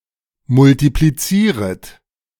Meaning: second-person plural subjunctive I of multiplizieren
- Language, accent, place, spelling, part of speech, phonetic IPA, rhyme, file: German, Germany, Berlin, multiplizieret, verb, [mʊltipliˈt͡siːʁət], -iːʁət, De-multiplizieret.ogg